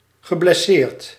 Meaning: past participle of blesseren
- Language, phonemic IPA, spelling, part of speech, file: Dutch, /ɣəblɛˈsert/, geblesseerd, verb / adjective, Nl-geblesseerd.ogg